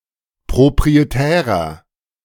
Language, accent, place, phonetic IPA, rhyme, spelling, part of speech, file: German, Germany, Berlin, [pʁopʁieˈtɛːʁɐ], -ɛːʁɐ, proprietärer, adjective, De-proprietärer.ogg
- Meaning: 1. comparative degree of proprietär 2. inflection of proprietär: strong/mixed nominative masculine singular 3. inflection of proprietär: strong genitive/dative feminine singular